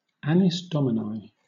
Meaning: plural of anno Domini; taking place a specified number of years after the assumed birth date of Jesus Christ
- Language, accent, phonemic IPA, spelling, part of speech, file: English, Southern England, /ˈænɪs ˈdɒmɪnaɪ/, annis Domini, noun, LL-Q1860 (eng)-annis Domini.wav